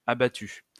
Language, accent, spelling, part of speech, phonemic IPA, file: French, France, abattues, verb, /a.ba.ty/, LL-Q150 (fra)-abattues.wav
- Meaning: feminine plural of abattu